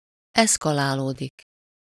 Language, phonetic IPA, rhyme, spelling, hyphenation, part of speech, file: Hungarian, [ˈɛskɒlaːloːdik], -oːdik, eszkalálódik, esz‧ka‧lá‧ló‧dik, verb, Hu-eszkalálódik.ogg
- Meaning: to escalate